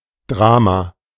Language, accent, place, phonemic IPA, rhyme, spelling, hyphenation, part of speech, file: German, Germany, Berlin, /ˈdʁaː.ma/, -aːma, Drama, Dra‧ma, noun, De-Drama.ogg
- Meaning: drama